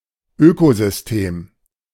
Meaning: ecosystem
- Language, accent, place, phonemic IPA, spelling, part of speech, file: German, Germany, Berlin, /ˈøːkozʏsˌteːm/, Ökosystem, noun, De-Ökosystem.ogg